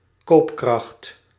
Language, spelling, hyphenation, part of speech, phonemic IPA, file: Dutch, koopkracht, koop‧kracht, noun, /ˈkoːp.krɑxt/, Nl-koopkracht.ogg
- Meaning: purchasing power